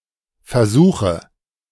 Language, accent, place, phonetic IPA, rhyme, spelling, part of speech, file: German, Germany, Berlin, [fɛɐ̯ˈzuːxə], -uːxə, versuche, verb, De-versuche.ogg
- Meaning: inflection of versuchen: 1. first-person singular present 2. singular imperative 3. first/third-person singular subjunctive I